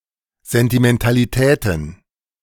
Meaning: plural of Sentimentalität
- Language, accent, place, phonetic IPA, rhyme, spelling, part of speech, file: German, Germany, Berlin, [zɛntimɛntaliˈtɛːtn̩], -ɛːtn̩, Sentimentalitäten, noun, De-Sentimentalitäten.ogg